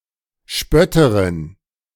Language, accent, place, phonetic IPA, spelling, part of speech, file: German, Germany, Berlin, [ˈʃpœtəʁɪn], Spötterin, noun, De-Spötterin.ogg
- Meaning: female equivalent of Spötter (“mocker”)